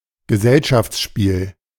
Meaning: parlour game
- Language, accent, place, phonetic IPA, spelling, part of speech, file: German, Germany, Berlin, [ɡəˈzɛlʃaft͡sˌʃpiːl], Gesellschaftsspiel, noun, De-Gesellschaftsspiel.ogg